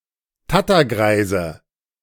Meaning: nominative/accusative/genitive plural of Tattergreis
- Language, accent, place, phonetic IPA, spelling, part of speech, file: German, Germany, Berlin, [ˈtatɐˌɡʁaɪ̯zə], Tattergreise, noun, De-Tattergreise.ogg